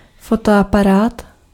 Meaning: camera (for still images)
- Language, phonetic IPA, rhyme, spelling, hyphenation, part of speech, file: Czech, [ˈfotoaparaːt], -araːt, fotoaparát, fo‧to‧apa‧rát, noun, Cs-fotoaparát.ogg